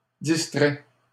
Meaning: first/third-person singular present subjunctive of distraire
- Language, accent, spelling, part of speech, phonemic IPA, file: French, Canada, distraie, verb, /dis.tʁɛ/, LL-Q150 (fra)-distraie.wav